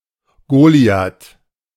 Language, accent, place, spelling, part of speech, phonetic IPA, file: German, Germany, Berlin, Goliath, noun, [ˈɡoːli̯at], De-Goliath.ogg
- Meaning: Goliath